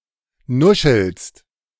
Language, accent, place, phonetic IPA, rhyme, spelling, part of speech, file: German, Germany, Berlin, [ˈnʊʃl̩st], -ʊʃl̩st, nuschelst, verb, De-nuschelst.ogg
- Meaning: second-person singular present of nuscheln